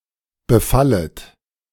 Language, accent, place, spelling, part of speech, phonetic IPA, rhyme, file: German, Germany, Berlin, befallet, verb, [bəˈfalət], -alət, De-befallet.ogg
- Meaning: second-person plural subjunctive I of befallen